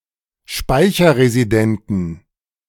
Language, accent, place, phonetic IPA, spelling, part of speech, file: German, Germany, Berlin, [ˈʃpaɪ̯çɐʁeziˌdɛntn̩], speicherresidenten, adjective, De-speicherresidenten.ogg
- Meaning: inflection of speicherresident: 1. strong genitive masculine/neuter singular 2. weak/mixed genitive/dative all-gender singular 3. strong/weak/mixed accusative masculine singular